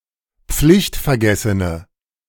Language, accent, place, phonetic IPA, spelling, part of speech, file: German, Germany, Berlin, [ˈp͡flɪçtfɛɐ̯ˌɡɛsənə], pflichtvergessene, adjective, De-pflichtvergessene.ogg
- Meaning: inflection of pflichtvergessen: 1. strong/mixed nominative/accusative feminine singular 2. strong nominative/accusative plural 3. weak nominative all-gender singular